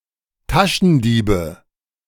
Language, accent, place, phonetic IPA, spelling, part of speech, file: German, Germany, Berlin, [ˈtaʃn̩ˌdiːbə], Taschendiebe, noun, De-Taschendiebe.ogg
- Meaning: nominative/accusative/genitive plural of Taschendieb